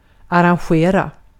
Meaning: to arrange (an event, or music for band)
- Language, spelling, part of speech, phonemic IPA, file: Swedish, arrangera, verb, /aranˈɧeːra/, Sv-arrangera.ogg